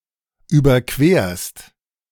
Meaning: second-person singular present of überqueren
- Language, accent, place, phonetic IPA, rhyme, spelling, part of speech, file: German, Germany, Berlin, [ˌyːbɐˈkveːɐ̯st], -eːɐ̯st, überquerst, verb, De-überquerst.ogg